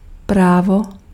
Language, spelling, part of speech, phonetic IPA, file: Czech, právo, noun, [ˈpraːvo], Cs-právo.ogg
- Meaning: 1. law 2. right